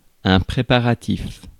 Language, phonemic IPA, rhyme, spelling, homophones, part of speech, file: French, /pʁe.pa.ʁa.tif/, -if, préparatif, préparatifs, noun / adjective, Fr-préparatif.ogg
- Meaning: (noun) preparation; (adjective) preparative